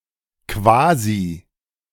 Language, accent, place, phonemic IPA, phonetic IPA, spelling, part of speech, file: German, Germany, Berlin, /ˈkvaːzi/, [ˈkʋaːzi], quasi, adverb, De-quasi.ogg
- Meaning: as it were, so to speak, effectively, essentially; used to mark a description as figurative, simplified or otherwise not to be taken as absolute, but illustrative of an important point